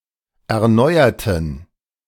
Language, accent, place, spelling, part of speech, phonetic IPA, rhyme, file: German, Germany, Berlin, erneuerten, adjective / verb, [ɛɐ̯ˈnɔɪ̯ɐtn̩], -ɔɪ̯ɐtn̩, De-erneuerten.ogg
- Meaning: inflection of erneuern: 1. first/third-person plural preterite 2. first/third-person plural subjunctive II